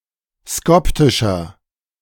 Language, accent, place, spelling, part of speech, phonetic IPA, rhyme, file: German, Germany, Berlin, skoptischer, adjective, [ˈskɔptɪʃɐ], -ɔptɪʃɐ, De-skoptischer.ogg
- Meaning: 1. comparative degree of skoptisch 2. inflection of skoptisch: strong/mixed nominative masculine singular 3. inflection of skoptisch: strong genitive/dative feminine singular